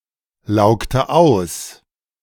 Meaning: inflection of auslaugen: 1. first/third-person singular preterite 2. first/third-person singular subjunctive II
- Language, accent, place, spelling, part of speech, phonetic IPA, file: German, Germany, Berlin, laugte aus, verb, [ˌlaʊ̯ktə ˈaʊ̯s], De-laugte aus.ogg